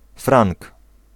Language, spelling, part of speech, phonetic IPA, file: Polish, frank, noun, [frãŋk], Pl-frank.ogg